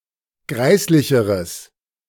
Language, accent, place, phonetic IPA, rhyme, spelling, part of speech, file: German, Germany, Berlin, [ˈɡʁaɪ̯slɪçəʁəs], -aɪ̯slɪçəʁəs, greislicheres, adjective, De-greislicheres.ogg
- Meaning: strong/mixed nominative/accusative neuter singular comparative degree of greislich